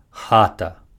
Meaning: house, home, hut
- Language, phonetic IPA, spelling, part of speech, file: Belarusian, [ˈxata], хата, noun, Be-хата.ogg